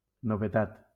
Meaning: something new; a novelty
- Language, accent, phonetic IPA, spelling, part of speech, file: Catalan, Valencia, [no.veˈtat], novetat, noun, LL-Q7026 (cat)-novetat.wav